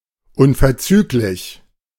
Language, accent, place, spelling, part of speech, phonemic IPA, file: German, Germany, Berlin, unverzüglich, adjective, /ˈʊnfɛɐ̯t͡syːklɪç/, De-unverzüglich.ogg
- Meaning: immediate, instantaneous